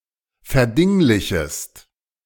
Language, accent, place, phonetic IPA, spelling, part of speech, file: German, Germany, Berlin, [fɛɐ̯ˈdɪŋlɪçəst], verdinglichest, verb, De-verdinglichest.ogg
- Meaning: second-person singular subjunctive I of verdinglichen